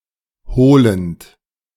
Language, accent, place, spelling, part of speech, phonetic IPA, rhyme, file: German, Germany, Berlin, holend, verb, [ˈhoːlənt], -oːlənt, De-holend.ogg
- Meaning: present participle of holen